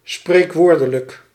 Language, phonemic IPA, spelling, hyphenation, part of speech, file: Dutch, /ˌspreːkˈʋoːr.də.lək/, spreekwoordelijk, spreek‧woor‧de‧lijk, adjective, Nl-spreekwoordelijk.ogg
- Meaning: proverbial